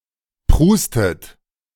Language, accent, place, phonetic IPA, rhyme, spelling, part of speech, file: German, Germany, Berlin, [ˈpʁuːstət], -uːstət, prustet, verb, De-prustet.ogg
- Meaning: inflection of prusten: 1. second-person plural present 2. second-person plural subjunctive I 3. third-person singular present 4. plural imperative